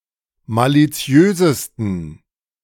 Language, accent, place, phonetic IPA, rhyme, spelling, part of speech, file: German, Germany, Berlin, [ˌmaliˈt͡si̯øːzəstn̩], -øːzəstn̩, maliziösesten, adjective, De-maliziösesten.ogg
- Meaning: 1. superlative degree of maliziös 2. inflection of maliziös: strong genitive masculine/neuter singular superlative degree